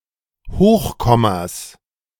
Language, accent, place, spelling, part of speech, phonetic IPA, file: German, Germany, Berlin, Hochkommas, noun, [ˈhoːxˌkɔmas], De-Hochkommas.ogg
- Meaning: 1. genitive singular of Hochkomma 2. plural of Hochkomma